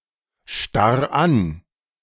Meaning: 1. singular imperative of anstarren 2. first-person singular present of anstarren
- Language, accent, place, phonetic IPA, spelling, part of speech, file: German, Germany, Berlin, [ˌʃtaʁ ˈan], starr an, verb, De-starr an.ogg